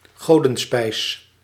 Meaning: ambrosia
- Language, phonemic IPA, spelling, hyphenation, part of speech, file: Dutch, /ˈɣoː.də(n)ˌspɛi̯s/, godenspijs, go‧den‧spijs, noun, Nl-godenspijs.ogg